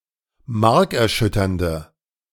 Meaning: inflection of markerschütternd: 1. strong/mixed nominative/accusative feminine singular 2. strong nominative/accusative plural 3. weak nominative all-gender singular
- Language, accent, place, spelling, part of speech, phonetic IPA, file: German, Germany, Berlin, markerschütternde, adjective, [ˈmaʁkɛɐ̯ˌʃʏtɐndə], De-markerschütternde.ogg